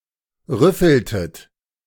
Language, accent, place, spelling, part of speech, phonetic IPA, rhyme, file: German, Germany, Berlin, rüffeltet, verb, [ˈʁʏfl̩tət], -ʏfl̩tət, De-rüffeltet.ogg
- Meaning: inflection of rüffeln: 1. second-person plural preterite 2. second-person plural subjunctive II